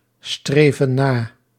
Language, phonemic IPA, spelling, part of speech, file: Dutch, /ˈstrevə(n) ˈna/, streven na, verb, Nl-streven na.ogg
- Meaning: inflection of nastreven: 1. plural present indicative 2. plural present subjunctive